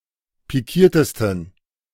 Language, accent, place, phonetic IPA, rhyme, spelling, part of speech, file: German, Germany, Berlin, [piˈkiːɐ̯təstn̩], -iːɐ̯təstn̩, pikiertesten, adjective, De-pikiertesten.ogg
- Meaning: 1. superlative degree of pikiert 2. inflection of pikiert: strong genitive masculine/neuter singular superlative degree